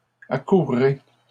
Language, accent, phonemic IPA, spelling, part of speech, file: French, Canada, /a.kuʁ.ʁe/, accourrez, verb, LL-Q150 (fra)-accourrez.wav
- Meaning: second-person plural future of accourir